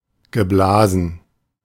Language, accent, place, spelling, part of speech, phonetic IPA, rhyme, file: German, Germany, Berlin, geblasen, verb, [ɡəˈblaːzn̩], -aːzn̩, De-geblasen.ogg
- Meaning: past participle of blasen